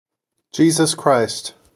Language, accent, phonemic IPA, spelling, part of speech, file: English, US, /ˌd͡ʒiːzəs ˈkɹaɪst/, Jesus Christ, proper noun / noun / interjection, En-us-Jesus Christ.ogg
- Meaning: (proper noun) Jesus of Nazareth in His role as the Messiah of Christians; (noun) A savior; one who provides critical help or salvation to others in need